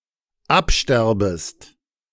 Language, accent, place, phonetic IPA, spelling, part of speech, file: German, Germany, Berlin, [ˈapˌʃtɛʁbəst], absterbest, verb, De-absterbest.ogg
- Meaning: second-person singular dependent subjunctive I of absterben